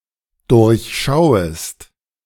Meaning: second-person singular dependent subjunctive I of durchschauen
- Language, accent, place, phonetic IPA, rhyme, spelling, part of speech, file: German, Germany, Berlin, [ˌdʊʁçˈʃaʊ̯əst], -aʊ̯əst, durchschauest, verb, De-durchschauest.ogg